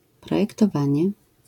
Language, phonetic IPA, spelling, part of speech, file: Polish, [ˌprɔjɛktɔˈvãɲɛ], projektowanie, noun, LL-Q809 (pol)-projektowanie.wav